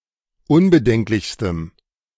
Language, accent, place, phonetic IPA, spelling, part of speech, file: German, Germany, Berlin, [ˈʊnbəˌdɛŋklɪçstəm], unbedenklichstem, adjective, De-unbedenklichstem.ogg
- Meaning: strong dative masculine/neuter singular superlative degree of unbedenklich